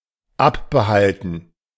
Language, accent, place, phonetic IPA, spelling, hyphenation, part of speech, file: German, Germany, Berlin, [ˈapbəˌhaltn̩], abbehalten, ab‧be‧hal‧ten, verb, De-abbehalten.ogg
- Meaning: to keep off